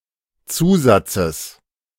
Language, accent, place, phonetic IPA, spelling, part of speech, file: German, Germany, Berlin, [ˈt͡suːˌzat͡səs], Zusatzes, noun, De-Zusatzes.ogg
- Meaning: genitive singular of Zusatz